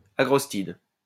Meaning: bent, agrostis
- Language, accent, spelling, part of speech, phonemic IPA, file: French, France, agrostide, noun, /a.ɡʁɔs.tid/, LL-Q150 (fra)-agrostide.wav